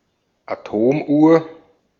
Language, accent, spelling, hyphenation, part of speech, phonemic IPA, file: German, Austria, Atomuhr, Atom‧uhr, noun, /aˈtoːmˌʔu(ː)ɐ̯/, De-at-Atomuhr.ogg
- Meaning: atomic clock